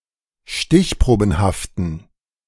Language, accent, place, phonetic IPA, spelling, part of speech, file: German, Germany, Berlin, [ˈʃtɪçˌpʁoːbn̩haftn̩], stichprobenhaften, adjective, De-stichprobenhaften.ogg
- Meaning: inflection of stichprobenhaft: 1. strong genitive masculine/neuter singular 2. weak/mixed genitive/dative all-gender singular 3. strong/weak/mixed accusative masculine singular 4. strong dative plural